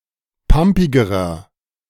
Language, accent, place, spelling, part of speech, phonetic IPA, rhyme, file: German, Germany, Berlin, pampigerer, adjective, [ˈpampɪɡəʁɐ], -ampɪɡəʁɐ, De-pampigerer.ogg
- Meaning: inflection of pampig: 1. strong/mixed nominative masculine singular comparative degree 2. strong genitive/dative feminine singular comparative degree 3. strong genitive plural comparative degree